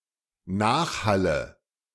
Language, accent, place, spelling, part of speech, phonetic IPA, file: German, Germany, Berlin, Nachhalle, noun, [ˈnaːxˌhalə], De-Nachhalle.ogg
- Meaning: nominative/accusative/genitive plural of Nachhall